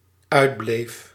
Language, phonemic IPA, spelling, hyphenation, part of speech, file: Dutch, /ˈœy̯dˌbleːf/, uitbleef, uit‧bleef, verb, Nl-uitbleef.ogg
- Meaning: singular dependent-clause past indicative of uitblijven